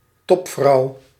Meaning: 1. a female executive of a business or company 2. a great woman
- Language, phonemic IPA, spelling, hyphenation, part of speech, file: Dutch, /ˈtɔp.vrɑu̯/, topvrouw, top‧vrouw, noun, Nl-topvrouw.ogg